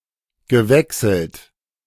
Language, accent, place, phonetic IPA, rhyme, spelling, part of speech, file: German, Germany, Berlin, [ɡəˈvɛksl̩t], -ɛksl̩t, gewechselt, verb, De-gewechselt.ogg
- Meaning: past participle of wechseln